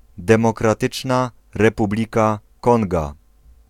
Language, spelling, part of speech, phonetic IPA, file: Polish, Demokratyczna Republika Konga, proper noun, [ˌdɛ̃mɔkraˈtɨt͡ʃna rɛˈpublʲika ˈkɔ̃ŋɡa], Pl-Demokratyczna Republika Konga.ogg